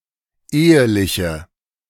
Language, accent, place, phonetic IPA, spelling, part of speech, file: German, Germany, Berlin, [ˈeːəlɪçə], eheliche, adjective / verb, De-eheliche.ogg
- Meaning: inflection of ehelich: 1. strong/mixed nominative/accusative feminine singular 2. strong nominative/accusative plural 3. weak nominative all-gender singular 4. weak accusative feminine/neuter singular